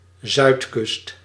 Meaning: south coast
- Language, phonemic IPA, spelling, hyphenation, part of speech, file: Dutch, /ˈzœy̯t.kʏst/, zuidkust, zuid‧kust, noun, Nl-zuidkust.ogg